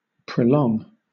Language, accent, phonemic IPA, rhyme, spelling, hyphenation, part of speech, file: English, Southern England, /pɹəʊˈlɒŋ/, -ɒŋ, prolong, pro‧long, verb, LL-Q1860 (eng)-prolong.wav
- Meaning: 1. To extend in space or length 2. To lengthen in time; to extend the duration of 3. To put off to a distant time; to postpone 4. To become longer; lengthen